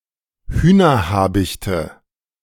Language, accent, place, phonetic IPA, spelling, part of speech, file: German, Germany, Berlin, [ˈhyːnɐˌhaːbɪçtə], Hühnerhabichte, noun, De-Hühnerhabichte.ogg
- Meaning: nominative/accusative/genitive plural of Hühnerhabicht